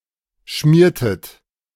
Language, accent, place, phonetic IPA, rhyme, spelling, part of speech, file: German, Germany, Berlin, [ˈʃmiːɐ̯tət], -iːɐ̯tət, schmiertet, verb, De-schmiertet.ogg
- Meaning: inflection of schmieren: 1. second-person plural preterite 2. second-person plural subjunctive II